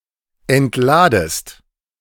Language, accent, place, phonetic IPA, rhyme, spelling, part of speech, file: German, Germany, Berlin, [ɛntˈlaːdəst], -aːdəst, entladest, verb, De-entladest.ogg
- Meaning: second-person singular subjunctive I of entladen